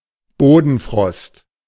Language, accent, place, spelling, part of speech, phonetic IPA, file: German, Germany, Berlin, Bodenfrost, noun, [ˈboːdn̩ˌfʁɔst], De-Bodenfrost.ogg
- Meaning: temperatures below 0°C measured directly over the ground, rather than at the standard measuring height (which is at least 1.25 metres, in Germany officially 2 metres)